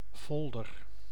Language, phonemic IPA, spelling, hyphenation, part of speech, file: Dutch, /ˈfɔldər/, folder, fol‧der, noun / verb, Nl-folder.ogg
- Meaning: leaflet with information or advertising